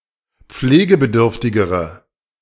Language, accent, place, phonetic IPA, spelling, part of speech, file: German, Germany, Berlin, [ˈp͡fleːɡəbəˌdʏʁftɪɡəʁə], pflegebedürftigere, adjective, De-pflegebedürftigere.ogg
- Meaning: inflection of pflegebedürftig: 1. strong/mixed nominative/accusative feminine singular comparative degree 2. strong nominative/accusative plural comparative degree